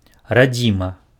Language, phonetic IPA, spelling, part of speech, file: Belarusian, [raˈd͡zʲima], радзіма, noun, Be-радзіма.ogg
- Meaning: homeland, motherland, fatherland